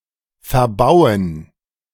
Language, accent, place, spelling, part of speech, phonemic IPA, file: German, Germany, Berlin, verbauen, verb, /fɛʁˈbaʊ̯ən/, De-verbauen.ogg
- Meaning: 1. to block (with buildings, etc.) 2. to use, consume, spend (for a construction) 3. to build in a displeasing or incorrect way (as in building an ugly house, etc.) 4. to construct on, upon